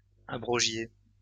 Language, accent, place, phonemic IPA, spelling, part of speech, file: French, France, Lyon, /a.bʁɔ.ʒje/, abrogiez, verb, LL-Q150 (fra)-abrogiez.wav
- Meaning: inflection of abroger: 1. second-person plural imperfect indicative 2. second-person plural present subjunctive